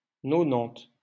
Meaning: ninety
- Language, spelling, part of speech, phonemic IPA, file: French, nonante, numeral, /nɔ.nɑ̃t/, LL-Q150 (fra)-nonante.wav